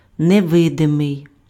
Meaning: invisible
- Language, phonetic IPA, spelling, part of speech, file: Ukrainian, [neˈʋɪdemei̯], невидимий, adjective, Uk-невидимий.ogg